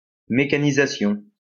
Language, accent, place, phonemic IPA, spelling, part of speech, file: French, France, Lyon, /me.ka.ni.za.sjɔ̃/, mécanisation, noun, LL-Q150 (fra)-mécanisation.wav
- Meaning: mechanization